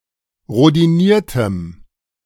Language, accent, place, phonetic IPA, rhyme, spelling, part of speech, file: German, Germany, Berlin, [ʁodiˈniːɐ̯təm], -iːɐ̯təm, rhodiniertem, adjective, De-rhodiniertem.ogg
- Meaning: strong dative masculine/neuter singular of rhodiniert